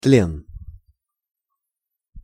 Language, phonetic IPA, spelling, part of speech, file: Russian, [tlʲen], тлен, noun, Ru-тлен.ogg
- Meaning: 1. decay, rot 2. dust 3. dust, vanity, nothingness, sham 4. despair